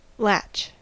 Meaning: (verb) 1. To close or lock as if with a latch 2. To catch; lay hold of 3. To use a latch (kind of lightweight lock) 4. To connect to the breast
- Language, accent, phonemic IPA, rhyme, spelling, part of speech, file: English, US, /læt͡ʃ/, -ætʃ, latch, verb / noun, En-us-latch.ogg